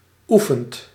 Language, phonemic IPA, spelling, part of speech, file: Dutch, /ˈu.fənt/, oefent, verb, Nl-oefent.ogg
- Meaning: inflection of oefenen: 1. second/third-person singular present indicative 2. plural imperative